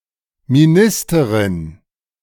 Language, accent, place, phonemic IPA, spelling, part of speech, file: German, Germany, Berlin, /miˈnɪstəʁɪn/, Ministerin, noun, De-Ministerin.ogg
- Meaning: minister (woman who is commissioned by the government for public service)